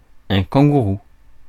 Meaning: 1. kangaroo 2. hoodie
- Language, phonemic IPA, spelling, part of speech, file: French, /kɑ̃.ɡu.ʁu/, kangourou, noun, Fr-kangourou.ogg